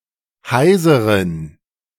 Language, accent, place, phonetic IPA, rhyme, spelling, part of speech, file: German, Germany, Berlin, [ˈhaɪ̯zəʁən], -aɪ̯zəʁən, heiseren, adjective, De-heiseren.ogg
- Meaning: inflection of heiser: 1. strong genitive masculine/neuter singular 2. weak/mixed genitive/dative all-gender singular 3. strong/weak/mixed accusative masculine singular 4. strong dative plural